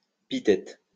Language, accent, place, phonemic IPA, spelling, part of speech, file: French, France, Lyon, /pi.tɛt/, pitête, adverb, LL-Q150 (fra)-pitête.wav
- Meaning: alternative spelling of peut-être